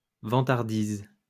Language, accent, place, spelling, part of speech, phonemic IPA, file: French, France, Lyon, vantardise, noun, /vɑ̃.taʁ.diz/, LL-Q150 (fra)-vantardise.wav
- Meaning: 1. boastfulness 2. braggartry